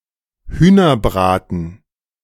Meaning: roast chicken
- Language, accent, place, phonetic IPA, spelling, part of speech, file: German, Germany, Berlin, [ˈhyːnɐˌbʁaːtn̩], Hühnerbraten, noun, De-Hühnerbraten.ogg